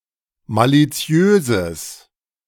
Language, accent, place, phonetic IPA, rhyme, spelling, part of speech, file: German, Germany, Berlin, [ˌmaliˈt͡si̯øːzəs], -øːzəs, maliziöses, adjective, De-maliziöses.ogg
- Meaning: strong/mixed nominative/accusative neuter singular of maliziös